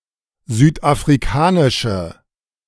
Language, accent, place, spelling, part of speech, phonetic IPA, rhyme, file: German, Germany, Berlin, südafrikanische, adjective, [ˌzyːtʔafʁiˈkaːnɪʃə], -aːnɪʃə, De-südafrikanische.ogg
- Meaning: inflection of südafrikanisch: 1. strong/mixed nominative/accusative feminine singular 2. strong nominative/accusative plural 3. weak nominative all-gender singular